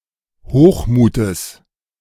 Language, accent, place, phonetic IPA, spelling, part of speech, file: German, Germany, Berlin, [ˈhoːxˌmuːtəs], Hochmutes, noun, De-Hochmutes.ogg
- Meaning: genitive singular of Hochmut